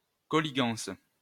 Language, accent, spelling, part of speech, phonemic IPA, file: French, France, colligance, noun, /kɔ.li.ɡɑ̃s/, LL-Q150 (fra)-colligance.wav
- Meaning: connection (especially a chain of connections)